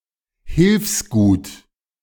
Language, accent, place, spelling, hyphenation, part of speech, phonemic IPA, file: German, Germany, Berlin, Hilfsgut, Hilfs‧gut, noun, /ˈhɪlfsˌɡuːt/, De-Hilfsgut.ogg
- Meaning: aid